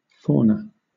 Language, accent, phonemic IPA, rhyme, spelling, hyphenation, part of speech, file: English, Southern England, /ˈfɔːnə/, -ɔːnə, fauna, fau‧na, noun, LL-Q1860 (eng)-fauna.wav
- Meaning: 1. Animals considered as a group; especially those of a particular country, region, time, biological group, etc 2. A particular group of animals as distinguished from another